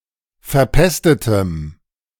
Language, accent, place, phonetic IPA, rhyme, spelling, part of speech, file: German, Germany, Berlin, [fɛɐ̯ˈpɛstətəm], -ɛstətəm, verpestetem, adjective, De-verpestetem.ogg
- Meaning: strong dative masculine/neuter singular of verpestet